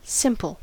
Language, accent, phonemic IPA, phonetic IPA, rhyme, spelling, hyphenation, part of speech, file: English, General American, /ˈsɪm.pəl/, [ˈsɪm.pɫ̩], -ɪmpəl, simple, sim‧ple, adjective / noun / verb, En-us-simple.ogg
- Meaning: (adjective) 1. Uncomplicated; lacking complexity; taken by itself, with nothing added 2. Easy; not difficult 3. Without ornamentation; plain